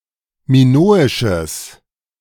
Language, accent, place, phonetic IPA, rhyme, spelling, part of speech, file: German, Germany, Berlin, [miˈnoːɪʃəs], -oːɪʃəs, minoisches, adjective, De-minoisches.ogg
- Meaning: strong/mixed nominative/accusative neuter singular of minoisch